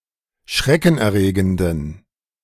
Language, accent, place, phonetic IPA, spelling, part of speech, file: German, Germany, Berlin, [ˈʃʁɛkn̩ʔɛɐ̯ˌʁeːɡəndn̩], schreckenerregenden, adjective, De-schreckenerregenden.ogg
- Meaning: inflection of schreckenerregend: 1. strong genitive masculine/neuter singular 2. weak/mixed genitive/dative all-gender singular 3. strong/weak/mixed accusative masculine singular